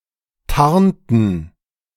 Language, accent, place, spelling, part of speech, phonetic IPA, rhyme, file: German, Germany, Berlin, tarnten, verb, [ˈtaʁntn̩], -aʁntn̩, De-tarnten.ogg
- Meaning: inflection of tarnen: 1. first/third-person plural preterite 2. first/third-person plural subjunctive II